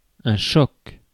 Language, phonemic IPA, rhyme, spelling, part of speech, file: French, /ʃɔk/, -ɔk, choc, noun, Fr-choc.ogg
- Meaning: 1. hit, strike 2. shock (surprise, startling) 3. electrical shock 4. clash 5. episode